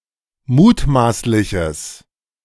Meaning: strong/mixed nominative/accusative neuter singular of mutmaßlich
- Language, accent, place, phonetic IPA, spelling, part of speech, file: German, Germany, Berlin, [ˈmuːtˌmaːslɪçəs], mutmaßliches, adjective, De-mutmaßliches.ogg